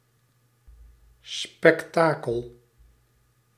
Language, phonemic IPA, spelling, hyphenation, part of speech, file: Dutch, /spɛkˈtaː.kəl/, spektakel, spek‧ta‧kel, noun, Nl-spektakel.ogg
- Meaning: spectacle